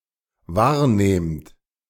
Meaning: second-person plural dependent present of wahrnehmen
- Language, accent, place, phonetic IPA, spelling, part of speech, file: German, Germany, Berlin, [ˈvaːɐ̯ˌneːmt], wahrnehmt, verb, De-wahrnehmt.ogg